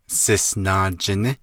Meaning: Blanca Peak, Colorado
- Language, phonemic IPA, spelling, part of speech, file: Navajo, /sɪ̀snɑ̀ːt͡ʃɪ̀nɪ́/, Sisnaajiní, proper noun, Nv-Sisnaajiní.ogg